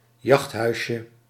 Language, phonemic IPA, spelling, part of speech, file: Dutch, /ˈjɑxthœyʃə/, jachthuisje, noun, Nl-jachthuisje.ogg
- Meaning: diminutive of jachthuis